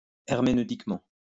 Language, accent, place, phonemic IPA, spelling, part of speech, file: French, France, Lyon, /ɛʁ.me.nø.tik.mɑ̃/, herméneutiquement, adverb, LL-Q150 (fra)-herméneutiquement.wav
- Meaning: hermeneutically